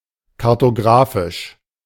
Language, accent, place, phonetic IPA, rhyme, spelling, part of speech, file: German, Germany, Berlin, [kaʁtoˈɡʁaːfɪʃ], -aːfɪʃ, kartographisch, adjective, De-kartographisch.ogg
- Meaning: alternative spelling of kartografisch